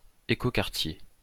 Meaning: ecodistrict
- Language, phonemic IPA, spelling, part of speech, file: French, /e.ko.kaʁ.tje/, écoquartier, noun, LL-Q150 (fra)-écoquartier.wav